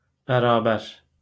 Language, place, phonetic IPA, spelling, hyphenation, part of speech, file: Azerbaijani, Baku, [bæɾɑːˈbæɾ], bərabər, bə‧ra‧bər, adjective / adverb / noun, LL-Q9292 (aze)-bərabər.wav
- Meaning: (adjective) 1. equal of any material or spiritual value 2. equal by rights; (adverb) together; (noun) match, equal